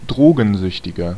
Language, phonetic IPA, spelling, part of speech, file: German, [ˈdʁoːɡn̩ˌzʏçtɪɡɐ], Drogensüchtiger, noun, De-Drogensüchtiger.ogg
- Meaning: drug addict (person with a chemical or psychological dependency on drugs)